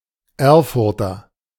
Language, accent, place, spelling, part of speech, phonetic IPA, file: German, Germany, Berlin, Erfurter, noun / adjective, [ˈɛʁfʊʁtɐ], De-Erfurter.ogg
- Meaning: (noun) Erfurter (native or inhabitant of the city of Erfurt, capital of Thuringia, Germany) (usually male); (adjective) of, from or relating to the city of Erfurt, capital of Thuringia, Germany